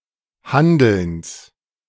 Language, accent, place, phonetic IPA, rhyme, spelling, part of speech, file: German, Germany, Berlin, [ˈhandl̩ns], -andl̩ns, Handelns, noun, De-Handelns.ogg
- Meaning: genitive singular of Handeln